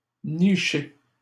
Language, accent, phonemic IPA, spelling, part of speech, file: French, Canada, /ni.ʃe/, niché, verb, LL-Q150 (fra)-niché.wav
- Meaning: past participle of nicher